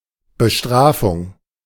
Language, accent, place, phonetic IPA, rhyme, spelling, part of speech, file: German, Germany, Berlin, [bəˈʃtʁaːfʊŋ], -aːfʊŋ, Bestrafung, noun, De-Bestrafung.ogg
- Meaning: punishment